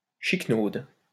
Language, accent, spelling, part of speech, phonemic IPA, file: French, France, chiquenaude, noun, /ʃik.nod/, LL-Q150 (fra)-chiquenaude.wav
- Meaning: flick, flip